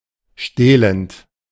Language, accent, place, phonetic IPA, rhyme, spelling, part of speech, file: German, Germany, Berlin, [ˈʃteːlənt], -eːlənt, stehlend, verb, De-stehlend.ogg
- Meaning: present participle of stehlen